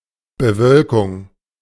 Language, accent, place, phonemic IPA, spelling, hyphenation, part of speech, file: German, Germany, Berlin, /bəˈvœlkʊŋ/, Bewölkung, Be‧wöl‧kung, noun, De-Bewölkung.ogg
- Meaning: 1. cloudiness 2. cloud cover